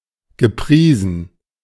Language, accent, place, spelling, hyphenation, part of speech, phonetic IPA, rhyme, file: German, Germany, Berlin, gepriesen, ge‧prie‧sen, verb, [ɡəˈpʁiːzn̩], -iːzn̩, De-gepriesen.ogg
- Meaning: past participle of preisen